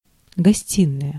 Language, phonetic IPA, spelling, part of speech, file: Russian, [ɡɐˈsʲtʲinəjə], гостиная, noun, Ru-гостиная.ogg
- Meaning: 1. living room 2. suite of furniture for a living room